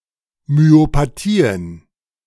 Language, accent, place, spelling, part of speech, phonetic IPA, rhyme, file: German, Germany, Berlin, Myopathien, noun, [myopaˈtiːən], -iːən, De-Myopathien.ogg
- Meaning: plural of Myopathie